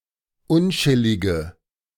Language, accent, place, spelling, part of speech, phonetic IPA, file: German, Germany, Berlin, unchillige, adjective, [ˈʊnˌt͡ʃɪlɪɡə], De-unchillige.ogg
- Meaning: inflection of unchillig: 1. strong/mixed nominative/accusative feminine singular 2. strong nominative/accusative plural 3. weak nominative all-gender singular